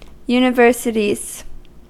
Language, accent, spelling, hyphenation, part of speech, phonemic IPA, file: English, US, universities, uni‧ver‧si‧ties, noun, /junɪˈvɝsətiz/, En-us-universities.ogg
- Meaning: plural of university